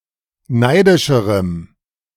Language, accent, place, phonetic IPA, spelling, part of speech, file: German, Germany, Berlin, [ˈnaɪ̯dɪʃəʁəm], neidischerem, adjective, De-neidischerem.ogg
- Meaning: strong dative masculine/neuter singular comparative degree of neidisch